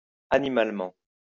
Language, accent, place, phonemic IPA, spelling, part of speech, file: French, France, Lyon, /a.ni.mal.mɑ̃/, animalement, adverb, LL-Q150 (fra)-animalement.wav
- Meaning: animally; in a brutish manner